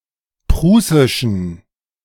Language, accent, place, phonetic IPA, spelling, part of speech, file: German, Germany, Berlin, [ˈpʁuːsɪʃn̩], prußischen, adjective, De-prußischen.ogg
- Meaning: inflection of prußisch: 1. strong genitive masculine/neuter singular 2. weak/mixed genitive/dative all-gender singular 3. strong/weak/mixed accusative masculine singular 4. strong dative plural